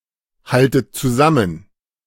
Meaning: inflection of zusammenhalten: 1. second-person plural present 2. second-person plural subjunctive I 3. plural imperative
- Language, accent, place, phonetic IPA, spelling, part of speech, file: German, Germany, Berlin, [ˌhaltət t͡suˈzamən], haltet zusammen, verb, De-haltet zusammen.ogg